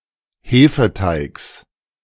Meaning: genitive singular of Hefeteig
- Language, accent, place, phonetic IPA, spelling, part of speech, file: German, Germany, Berlin, [ˈheːfəˌtaɪ̯ks], Hefeteigs, noun, De-Hefeteigs.ogg